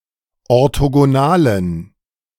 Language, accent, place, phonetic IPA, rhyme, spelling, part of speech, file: German, Germany, Berlin, [ɔʁtoɡoˈnaːlən], -aːlən, orthogonalen, adjective, De-orthogonalen.ogg
- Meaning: inflection of orthogonal: 1. strong genitive masculine/neuter singular 2. weak/mixed genitive/dative all-gender singular 3. strong/weak/mixed accusative masculine singular 4. strong dative plural